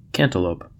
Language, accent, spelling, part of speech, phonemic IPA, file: English, US, cantaloupe, noun, /ˈkæn.tə.loʊp/, En-us-cantaloupe.ogg